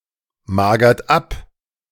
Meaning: inflection of abmagern: 1. third-person singular present 2. second-person plural present 3. plural imperative
- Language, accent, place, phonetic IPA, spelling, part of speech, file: German, Germany, Berlin, [ˌmaːɡɐt ˈap], magert ab, verb, De-magert ab.ogg